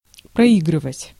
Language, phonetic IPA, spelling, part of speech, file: Russian, [prɐˈiɡrɨvətʲ], проигрывать, verb, Ru-проигрывать.ogg
- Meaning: 1. to lose 2. to play, to play through, to play over